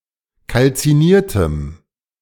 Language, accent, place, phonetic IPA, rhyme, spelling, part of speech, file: German, Germany, Berlin, [kalt͡siˈniːɐ̯təm], -iːɐ̯təm, kalziniertem, adjective, De-kalziniertem.ogg
- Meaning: strong dative masculine/neuter singular of kalziniert